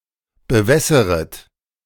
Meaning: second-person plural subjunctive I of bewässern
- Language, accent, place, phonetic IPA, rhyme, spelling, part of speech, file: German, Germany, Berlin, [bəˈvɛsəʁət], -ɛsəʁət, bewässeret, verb, De-bewässeret.ogg